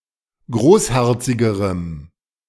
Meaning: strong dative masculine/neuter singular comparative degree of großherzig
- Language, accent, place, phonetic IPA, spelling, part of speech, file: German, Germany, Berlin, [ˈɡʁoːsˌhɛʁt͡sɪɡəʁəm], großherzigerem, adjective, De-großherzigerem.ogg